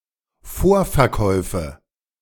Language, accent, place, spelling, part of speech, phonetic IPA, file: German, Germany, Berlin, Vorverkäufe, noun, [ˈfoːɐ̯fɛɐ̯ˌkɔɪ̯fə], De-Vorverkäufe.ogg
- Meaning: nominative/accusative/genitive plural of Vorverkauf